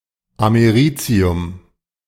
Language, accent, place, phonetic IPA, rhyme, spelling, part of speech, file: German, Germany, Berlin, [ameˈʁiːt͡si̯ʊm], -iːt͡si̯ʊm, Americium, noun, De-Americium.ogg
- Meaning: americium